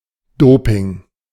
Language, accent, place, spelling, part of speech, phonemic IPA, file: German, Germany, Berlin, Doping, noun, /ˈdoːpɪŋ/, De-Doping.ogg
- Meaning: doping